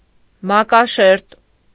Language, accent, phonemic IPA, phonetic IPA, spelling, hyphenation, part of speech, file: Armenian, Eastern Armenian, /mɑkɑˈʃeɾt/, [mɑkɑʃéɾt], մակաշերտ, մա‧կա‧շերտ, noun, Hy-մակաշերտ.ogg
- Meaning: 1. upper layer 2. superstrate